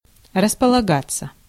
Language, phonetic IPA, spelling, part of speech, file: Russian, [rəspəɫɐˈɡat͡sːə], располагаться, verb, Ru-располагаться.ogg
- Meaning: 1. to settle oneself, to make oneself comfortable 2. to camp, to set up a camp, to take up a position 3. passive of располага́ть (raspolagátʹ)